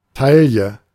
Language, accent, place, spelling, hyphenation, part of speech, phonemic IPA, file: German, Germany, Berlin, Talje, Tal‧je, noun, /ˈtaljə/, De-Talje.ogg
- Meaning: tackle